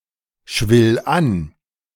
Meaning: singular imperative of anschwellen
- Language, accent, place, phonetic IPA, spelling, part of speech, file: German, Germany, Berlin, [ˌʃvɪl ˈan], schwill an, verb, De-schwill an.ogg